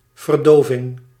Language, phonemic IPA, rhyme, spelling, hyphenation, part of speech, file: Dutch, /vərˈdoː.vɪŋ/, -oːvɪŋ, verdoving, ver‧do‧ving, noun, Nl-verdoving.ogg
- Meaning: anesthesia